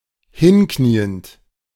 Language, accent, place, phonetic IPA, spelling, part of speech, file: German, Germany, Berlin, [ˈhɪnˌkniːənt], hinkniend, verb, De-hinkniend.ogg
- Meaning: present participle of hinknien